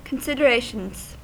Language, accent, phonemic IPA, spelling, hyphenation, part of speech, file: English, US, /kənˌsɪdəˈɹeɪʃənz/, considerations, con‧sid‧er‧a‧tions, noun, En-us-considerations.ogg
- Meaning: plural of consideration